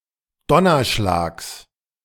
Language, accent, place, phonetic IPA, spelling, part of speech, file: German, Germany, Berlin, [ˈdɔnɐˌʃlaːks], Donnerschlags, noun, De-Donnerschlags.ogg
- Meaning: genitive singular of Donnerschlag